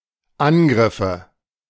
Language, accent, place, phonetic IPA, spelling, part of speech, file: German, Germany, Berlin, [ˈanˌɡʁɪfə], Angriffe, noun, De-Angriffe.ogg
- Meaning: nominative/accusative/genitive plural of Angriff